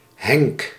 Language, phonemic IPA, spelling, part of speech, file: Dutch, /hɛŋk/, Henk, proper noun, Nl-Henk.ogg
- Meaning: a male given name